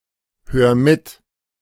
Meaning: 1. singular imperative of mithören 2. first-person singular present of mithören
- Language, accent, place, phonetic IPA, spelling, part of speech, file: German, Germany, Berlin, [ˌhøːɐ̯ ˈmɪt], hör mit, verb, De-hör mit.ogg